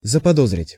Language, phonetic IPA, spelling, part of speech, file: Russian, [zəpɐˈdozrʲɪtʲ], заподозрить, verb, Ru-заподозрить.ogg
- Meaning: to suspect